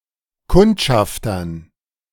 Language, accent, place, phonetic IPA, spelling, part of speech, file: German, Germany, Berlin, [ˈkʊntʃaftɐn], Kundschaftern, noun, De-Kundschaftern.ogg
- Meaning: dative plural of Kundschafter